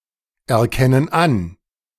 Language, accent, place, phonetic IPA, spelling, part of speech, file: German, Germany, Berlin, [ɛɐ̯ˌkɛnən ˈan], erkennen an, verb, De-erkennen an.ogg
- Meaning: inflection of anerkennen: 1. first/third-person plural present 2. first/third-person plural subjunctive I